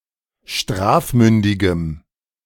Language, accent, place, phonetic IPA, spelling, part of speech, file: German, Germany, Berlin, [ˈʃtʁaːfˌmʏndɪɡəm], strafmündigem, adjective, De-strafmündigem.ogg
- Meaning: strong dative masculine/neuter singular of strafmündig